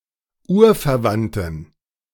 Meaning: inflection of urverwandt: 1. strong genitive masculine/neuter singular 2. weak/mixed genitive/dative all-gender singular 3. strong/weak/mixed accusative masculine singular 4. strong dative plural
- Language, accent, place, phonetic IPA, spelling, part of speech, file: German, Germany, Berlin, [ˈuːɐ̯fɛɐ̯ˌvantn̩], urverwandten, adjective, De-urverwandten.ogg